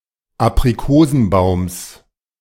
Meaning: genitive singular of Aprikosenbaum
- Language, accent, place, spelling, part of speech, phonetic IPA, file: German, Germany, Berlin, Aprikosenbaums, noun, [apʁiˈkoːzn̩ˌbaʊ̯ms], De-Aprikosenbaums.ogg